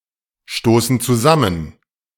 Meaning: inflection of zusammenstoßen: 1. first/third-person plural present 2. first/third-person plural subjunctive I
- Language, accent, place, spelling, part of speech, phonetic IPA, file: German, Germany, Berlin, stoßen zusammen, verb, [ˌʃtoːsn̩ t͡suˈzamən], De-stoßen zusammen.ogg